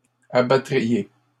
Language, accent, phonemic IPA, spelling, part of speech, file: French, Canada, /a.ba.tʁi.je/, abattriez, verb, LL-Q150 (fra)-abattriez.wav
- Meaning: second-person plural conditional of abattre